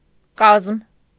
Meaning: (noun) 1. composition; structure 2. squad; personnel; contingent 3. train 4. binding, cover of a book; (adjective) ready, prepared
- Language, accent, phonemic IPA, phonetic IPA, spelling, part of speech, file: Armenian, Eastern Armenian, /kɑzm/, [kɑzm], կազմ, noun / adjective, Hy-կազմ.ogg